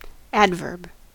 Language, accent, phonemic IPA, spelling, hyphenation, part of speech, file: English, US, /ˈæd.vɜɹb/, adverb, ad‧verb, noun / verb, En-us-adverb.ogg
- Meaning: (noun) A word that modifies a verb, adjective, other adverbs, or various other types of words, phrases, or clauses